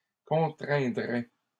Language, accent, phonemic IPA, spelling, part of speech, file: French, Canada, /kɔ̃.tʁɛ̃.dʁɛ/, contraindrais, verb, LL-Q150 (fra)-contraindrais.wav
- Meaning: first/second-person singular conditional of contraindre